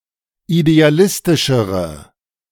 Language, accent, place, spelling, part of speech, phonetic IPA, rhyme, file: German, Germany, Berlin, idealistischere, adjective, [ideaˈlɪstɪʃəʁə], -ɪstɪʃəʁə, De-idealistischere.ogg
- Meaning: inflection of idealistisch: 1. strong/mixed nominative/accusative feminine singular comparative degree 2. strong nominative/accusative plural comparative degree